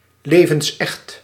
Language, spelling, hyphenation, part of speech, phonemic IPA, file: Dutch, levensecht, le‧vens‧echt, adjective, /ˌleː.və(n)sˈɛxt/, Nl-levensecht.ogg
- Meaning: very realistic, lifelike (so real as to make one believe it is alive)